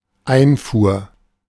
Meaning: import (the practice of importing)
- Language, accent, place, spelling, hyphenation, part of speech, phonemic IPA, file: German, Germany, Berlin, Einfuhr, Ein‧fuhr, noun, /ˈaɪ̯nfuːɐ̯/, De-Einfuhr.ogg